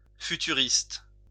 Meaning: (adjective) futuristic (advanced so far beyond that which is current as to appear to be from the future); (noun) futurist
- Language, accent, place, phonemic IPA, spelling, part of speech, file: French, France, Lyon, /fy.ty.ʁist/, futuriste, adjective / noun, LL-Q150 (fra)-futuriste.wav